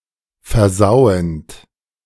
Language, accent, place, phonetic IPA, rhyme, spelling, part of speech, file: German, Germany, Berlin, [fɛɐ̯ˈzaʊ̯ənt], -aʊ̯ənt, versauend, verb, De-versauend.ogg
- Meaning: present participle of versauen